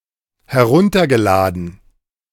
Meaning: past participle of herunterladen
- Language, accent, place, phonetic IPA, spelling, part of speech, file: German, Germany, Berlin, [hɛˈʁʊntɐɡəˌlaːdn̩], heruntergeladen, verb, De-heruntergeladen.ogg